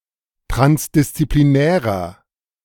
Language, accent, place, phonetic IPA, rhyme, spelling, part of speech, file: German, Germany, Berlin, [ˌtʁansdɪst͡sipliˈnɛːʁɐ], -ɛːʁɐ, transdisziplinärer, adjective, De-transdisziplinärer.ogg
- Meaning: inflection of transdisziplinär: 1. strong/mixed nominative masculine singular 2. strong genitive/dative feminine singular 3. strong genitive plural